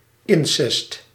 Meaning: incest
- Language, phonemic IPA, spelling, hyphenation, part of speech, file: Dutch, /ˈɪn.sɛst/, incest, in‧cest, noun, Nl-incest.ogg